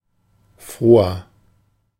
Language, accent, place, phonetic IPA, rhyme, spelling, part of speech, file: German, Germany, Berlin, [ˈfʁoːɐ], -oːɐ, froher, adjective, De-froher.ogg
- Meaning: 1. comparative degree of froh 2. inflection of froh: strong/mixed nominative masculine singular 3. inflection of froh: strong genitive/dative feminine singular